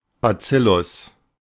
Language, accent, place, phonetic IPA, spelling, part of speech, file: German, Germany, Berlin, [baˈt͡sɪlʊs], Bazillus, noun, De-Bazillus.ogg
- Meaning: bacillus